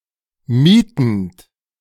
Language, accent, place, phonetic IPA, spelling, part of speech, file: German, Germany, Berlin, [ˈmiːtənt], mietend, verb, De-mietend.ogg
- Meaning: present participle of mieten